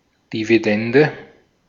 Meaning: dividend
- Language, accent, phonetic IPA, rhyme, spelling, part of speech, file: German, Austria, [diviˈdɛndə], -ɛndə, Dividende, noun, De-at-Dividende.ogg